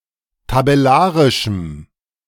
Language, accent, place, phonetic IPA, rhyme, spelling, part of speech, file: German, Germany, Berlin, [tabɛˈlaːʁɪʃm̩], -aːʁɪʃm̩, tabellarischem, adjective, De-tabellarischem.ogg
- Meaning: strong dative masculine/neuter singular of tabellarisch